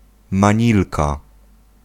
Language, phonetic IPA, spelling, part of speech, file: Polish, [mãˈɲilka], manilka, noun, Pl-manilka.ogg